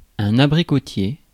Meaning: apricot tree
- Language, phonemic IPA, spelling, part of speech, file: French, /a.bʁi.kɔ.tje/, abricotier, noun, Fr-abricotier.ogg